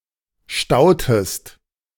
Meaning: inflection of stauen: 1. second-person singular preterite 2. second-person singular subjunctive II
- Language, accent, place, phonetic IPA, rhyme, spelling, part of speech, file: German, Germany, Berlin, [ˈʃtaʊ̯təst], -aʊ̯təst, stautest, verb, De-stautest.ogg